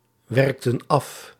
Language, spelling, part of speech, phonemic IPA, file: Dutch, werkten af, verb, /ˈwɛrᵊktə(n) ˈɑf/, Nl-werkten af.ogg
- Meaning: inflection of afwerken: 1. plural past indicative 2. plural past subjunctive